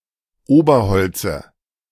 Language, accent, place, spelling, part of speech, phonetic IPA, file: German, Germany, Berlin, Oberholze, noun, [ˈoːbɐˌhɔlt͡sə], De-Oberholze.ogg
- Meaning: dative of Oberholz